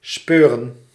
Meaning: to search thoroughly
- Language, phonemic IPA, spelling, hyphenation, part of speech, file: Dutch, /ˈspøːrə(n)/, speuren, speu‧ren, verb, Nl-speuren.ogg